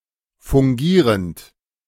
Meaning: present participle of fungieren
- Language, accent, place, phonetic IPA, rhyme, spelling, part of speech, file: German, Germany, Berlin, [fʊŋˈɡiːʁənt], -iːʁənt, fungierend, verb, De-fungierend.ogg